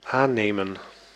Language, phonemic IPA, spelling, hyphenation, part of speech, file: Dutch, /ˈaːˌneːmə(n)/, aannemen, aan‧ne‧men, verb, Nl-aannemen.ogg
- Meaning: 1. to take 2. to accept 3. to adopt 4. to assume 5. to engage (for a job)